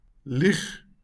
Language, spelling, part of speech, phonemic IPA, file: Afrikaans, lieg, verb, /liχ/, LL-Q14196 (afr)-lieg.wav
- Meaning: to lie (to tell a mistruth)